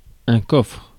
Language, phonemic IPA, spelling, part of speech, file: French, /kɔfʁ/, coffre, noun / verb, Fr-coffre.ogg
- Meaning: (noun) 1. chest, box 2. boot (UK), trunk (US) (luggage storage compartment of a vehicle, i.e. car); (verb) inflection of coffrer: first/third-person singular present indicative/subjunctive